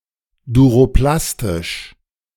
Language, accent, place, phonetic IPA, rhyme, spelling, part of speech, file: German, Germany, Berlin, [duʁoˈplastɪʃ], -astɪʃ, duroplastisch, adjective, De-duroplastisch.ogg
- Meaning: thermosetting